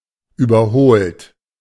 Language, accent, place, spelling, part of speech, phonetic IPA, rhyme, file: German, Germany, Berlin, überholt, adjective / verb, [ˌyːbɐˈhoːlt], -oːlt, De-überholt.ogg
- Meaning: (verb) past participle of überholen; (adjective) outdated; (verb) inflection of überholen: 1. third-person singular present 2. second-person plural present 3. plural imperative